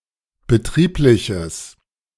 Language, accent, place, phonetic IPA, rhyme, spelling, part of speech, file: German, Germany, Berlin, [bəˈtʁiːplɪçəs], -iːplɪçəs, betriebliches, adjective, De-betriebliches.ogg
- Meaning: strong/mixed nominative/accusative neuter singular of betrieblich